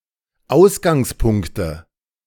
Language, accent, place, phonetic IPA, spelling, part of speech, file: German, Germany, Berlin, [ˈaʊ̯sɡaŋsˌpʊŋktə], Ausgangspunkte, noun, De-Ausgangspunkte.ogg
- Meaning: nominative/accusative/genitive plural of Ausgangspunkt